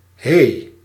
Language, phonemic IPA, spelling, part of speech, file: Dutch, /ɦeː/, hé, interjection, Nl-hé.ogg
- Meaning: hey